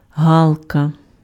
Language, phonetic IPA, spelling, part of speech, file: Ukrainian, [ˈɦaɫkɐ], галка, noun, Uk-галка.ogg
- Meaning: jackdaw, daw (bird of the genus Coloeus)